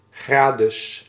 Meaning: a diminutive of the male given name Gerardus
- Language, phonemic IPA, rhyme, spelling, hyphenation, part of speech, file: Dutch, /ˈɡraː.dəs/, -əs, Gradus, Gra‧dus, proper noun, Nl-Gradus.ogg